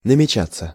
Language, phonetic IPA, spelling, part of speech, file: Russian, [nəmʲɪˈt͡ɕat͡sːə], намечаться, verb, Ru-намечаться.ogg
- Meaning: 1. to be outlined, to take shape, to begin to show 2. to be planned, to be in the offing 3. passive of намеча́ть (namečátʹ)